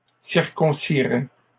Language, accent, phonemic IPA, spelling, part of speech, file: French, Canada, /siʁ.kɔ̃.si.ʁɛ/, circoncirait, verb, LL-Q150 (fra)-circoncirait.wav
- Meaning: third-person singular conditional of circoncire